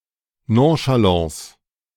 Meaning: nonchalance
- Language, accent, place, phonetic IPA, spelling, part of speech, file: German, Germany, Berlin, [nõʃaˈlɑ̃ːs], Nonchalance, noun, De-Nonchalance.ogg